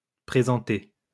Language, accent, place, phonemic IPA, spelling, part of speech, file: French, France, Lyon, /pʁe.zɑ̃.te/, présentés, verb, LL-Q150 (fra)-présentés.wav
- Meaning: masculine plural of présenté